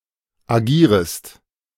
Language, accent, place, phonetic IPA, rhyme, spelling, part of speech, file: German, Germany, Berlin, [aˈɡiːʁəst], -iːʁəst, agierest, verb, De-agierest.ogg
- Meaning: second-person singular subjunctive I of agieren